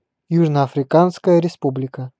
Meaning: Republic of South Africa (official name of South Africa: a country in Southern Africa)
- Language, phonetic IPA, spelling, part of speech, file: Russian, [ˌjuʐnə ɐfrʲɪˈkanskəjə rʲɪˈspublʲɪkə], Южно-Африканская Республика, proper noun, Ru-Южно-Африканская Республика.ogg